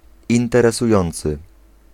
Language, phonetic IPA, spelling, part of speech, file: Polish, [ˌĩntɛrɛsuˈjɔ̃nt͡sɨ], interesujący, adjective, Pl-interesujący.ogg